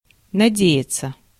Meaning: 1. to hope 2. to rely
- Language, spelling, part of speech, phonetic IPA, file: Russian, надеяться, verb, [nɐˈdʲe(j)ɪt͡sə], Ru-надеяться.ogg